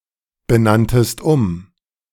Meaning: second-person singular preterite of umbenennen
- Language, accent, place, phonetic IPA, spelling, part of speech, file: German, Germany, Berlin, [bəˌnantəst ˈʊm], benanntest um, verb, De-benanntest um.ogg